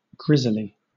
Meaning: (adjective) 1. Horrifyingly repellent; gruesome, terrifying 2. Obsolete form of grizzly 3. Misspelling of gristly; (noun) Obsolete form of grizzly (“type of bear”)
- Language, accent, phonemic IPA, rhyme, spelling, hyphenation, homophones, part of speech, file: English, Southern England, /ˈɡɹɪzli/, -ɪzli, grisly, gris‧ly, grizzly, adjective / noun / adverb, LL-Q1860 (eng)-grisly.wav